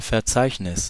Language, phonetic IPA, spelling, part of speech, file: German, [fɛɐ̯ˈt͡saɪ̯çnɪs], Verzeichnis, noun, De-Verzeichnis.ogg
- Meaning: 1. index 2. directory, folder (in a file system)